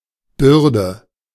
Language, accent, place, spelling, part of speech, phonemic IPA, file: German, Germany, Berlin, Bürde, noun, /ˈbʏrdə/, De-Bürde.ogg
- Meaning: 1. burden, something carried 2. burden: responsibility, obligation, important task 3. burden: something grievous, troubling, inhibiting